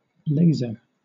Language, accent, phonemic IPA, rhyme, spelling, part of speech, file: English, Southern England, /ˈleɪz.ə(ɹ)/, -eɪzə(ɹ), laser, noun / verb, LL-Q1860 (eng)-laser.wav
- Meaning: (noun) 1. A device that produces a monochromatic, coherent beam of light 2. A beam of light produced by such a device; a laser beam 3. A laser printer 4. Ellipsis of laser hair removal